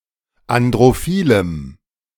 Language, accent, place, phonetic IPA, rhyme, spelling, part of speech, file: German, Germany, Berlin, [andʁoˈfiːləm], -iːləm, androphilem, adjective, De-androphilem.ogg
- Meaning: strong dative masculine/neuter singular of androphil